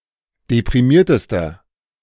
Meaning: inflection of deprimiert: 1. strong/mixed nominative masculine singular superlative degree 2. strong genitive/dative feminine singular superlative degree 3. strong genitive plural superlative degree
- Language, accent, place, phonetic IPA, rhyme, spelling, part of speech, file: German, Germany, Berlin, [depʁiˈmiːɐ̯təstɐ], -iːɐ̯təstɐ, deprimiertester, adjective, De-deprimiertester.ogg